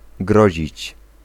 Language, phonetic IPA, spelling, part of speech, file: Polish, [ˈɡrɔʑit͡ɕ], grozić, verb, Pl-grozić.ogg